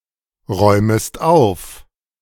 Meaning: second-person singular subjunctive I of aufräumen
- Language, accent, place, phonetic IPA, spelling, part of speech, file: German, Germany, Berlin, [ˌʁɔɪ̯məst ˈaʊ̯f], räumest auf, verb, De-räumest auf.ogg